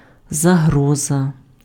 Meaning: 1. danger (exposure to or instance of liable harm) 2. threat, menace
- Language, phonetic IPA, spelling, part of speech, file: Ukrainian, [zɐˈɦrɔzɐ], загроза, noun, Uk-загроза.ogg